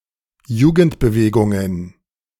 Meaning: plural of Jugendbewegung
- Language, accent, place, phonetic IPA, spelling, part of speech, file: German, Germany, Berlin, [ˈjuːɡn̩tbəˌveːɡʊŋən], Jugendbewegungen, noun, De-Jugendbewegungen.ogg